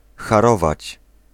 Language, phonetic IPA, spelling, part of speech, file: Polish, [xaˈrɔvat͡ɕ], harować, verb, Pl-harować.ogg